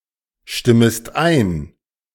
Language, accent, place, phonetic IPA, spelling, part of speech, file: German, Germany, Berlin, [ˌʃtɪməst ˈaɪ̯n], stimmest ein, verb, De-stimmest ein.ogg
- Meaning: second-person singular subjunctive I of einstimmen